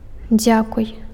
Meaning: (verb) second-person singular imperative of дзя́каваць (dzjákavacʹ); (interjection) thank you, thanks; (noun) a thank-you
- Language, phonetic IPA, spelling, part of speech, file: Belarusian, [ˈd͡zʲakuj], дзякуй, verb / interjection / noun, Be-дзякуй.ogg